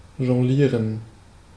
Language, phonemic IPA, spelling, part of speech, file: German, /ʒɔŋˈ(ɡ)liːrən/, jonglieren, verb, De-jonglieren.ogg
- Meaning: to juggle